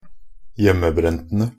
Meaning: definite plural of hjemmebrent
- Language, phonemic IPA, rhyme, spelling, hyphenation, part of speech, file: Norwegian Bokmål, /ˈjɛmːəˌbrɛntənə/, -ənə, hjemmebrentene, hjem‧me‧bren‧te‧ne, noun, Nb-hjemmebrentene.ogg